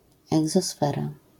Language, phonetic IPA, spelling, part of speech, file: Polish, [ˌɛɡzɔˈsfɛra], egzosfera, noun, LL-Q809 (pol)-egzosfera.wav